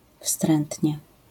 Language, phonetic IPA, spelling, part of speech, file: Polish, [ˈfstrɛ̃ntʲɲɛ], wstrętnie, adverb, LL-Q809 (pol)-wstrętnie.wav